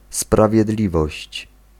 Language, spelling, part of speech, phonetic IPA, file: Polish, sprawiedliwość, noun, [ˌspravʲjɛˈdlʲivɔɕt͡ɕ], Pl-sprawiedliwość.ogg